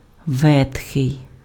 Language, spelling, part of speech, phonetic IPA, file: Ukrainian, ветхий, adjective, [ˈʋɛtxei̯], Uk-ветхий.ogg
- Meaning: old, ancient